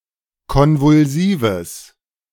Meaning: strong/mixed nominative/accusative neuter singular of konvulsiv
- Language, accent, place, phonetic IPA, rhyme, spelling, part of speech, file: German, Germany, Berlin, [ˌkɔnvʊlˈziːvəs], -iːvəs, konvulsives, adjective, De-konvulsives.ogg